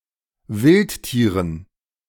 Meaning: dative plural of Wildtier
- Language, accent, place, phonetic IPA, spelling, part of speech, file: German, Germany, Berlin, [ˈvɪltˌtiːʁən], Wildtieren, noun, De-Wildtieren.ogg